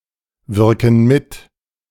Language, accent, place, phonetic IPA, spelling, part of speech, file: German, Germany, Berlin, [ˌvɪʁkn̩ ˈmɪt], wirken mit, verb, De-wirken mit.ogg
- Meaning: inflection of mitwirken: 1. first/third-person plural present 2. first/third-person plural subjunctive I